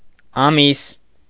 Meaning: month
- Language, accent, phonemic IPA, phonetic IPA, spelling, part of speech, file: Armenian, Eastern Armenian, /ɑˈmis/, [ɑmís], ամիս, noun, Hy-ամիս.ogg